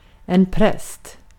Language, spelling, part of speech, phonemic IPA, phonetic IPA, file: Swedish, präst, noun, /præst/, [ˈprɛsːtʰ], Sv-präst.ogg
- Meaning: a priest